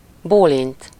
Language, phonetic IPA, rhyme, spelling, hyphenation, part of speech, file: Hungarian, [ˈboːlint], -int, bólint, bó‧lint, verb, Hu-bólint.ogg
- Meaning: to nod (to incline the head down and up once, to indicate agreement)